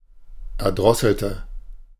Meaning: inflection of erdrosseln: 1. first/third-person singular preterite 2. first/third-person singular subjunctive II
- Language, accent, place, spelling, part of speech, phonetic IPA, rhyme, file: German, Germany, Berlin, erdrosselte, adjective / verb, [ɛɐ̯ˈdʁɔsl̩tə], -ɔsl̩tə, De-erdrosselte.ogg